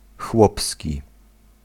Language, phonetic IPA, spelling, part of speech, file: Polish, [ˈxwɔpsʲci], chłopski, adjective, Pl-chłopski.ogg